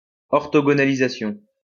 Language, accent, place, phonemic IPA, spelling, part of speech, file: French, France, Lyon, /ɔʁ.tɔ.ɡɔ.na.li.za.sjɔ̃/, orthogonalisation, noun, LL-Q150 (fra)-orthogonalisation.wav
- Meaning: orthogonalization